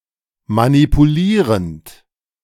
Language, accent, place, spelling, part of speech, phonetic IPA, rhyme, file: German, Germany, Berlin, manipulierend, verb, [manipuˈliːʁənt], -iːʁənt, De-manipulierend.ogg
- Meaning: present participle of manipulieren